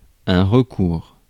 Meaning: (noun) 1. recourse, resort, way out 2. appeal; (verb) inflection of recourir: 1. first/second-person singular present indicative 2. second-person singular imperative
- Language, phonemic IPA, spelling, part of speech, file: French, /ʁə.kuʁ/, recours, noun / verb, Fr-recours.ogg